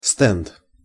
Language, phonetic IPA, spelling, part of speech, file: Russian, [stɛnt], стенд, noun, Ru-стенд.ogg
- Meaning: 1. stand, information shield 2. test bench